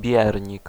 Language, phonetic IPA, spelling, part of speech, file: Polish, [ˈbʲjɛrʲɲik], biernik, noun, Pl-biernik.ogg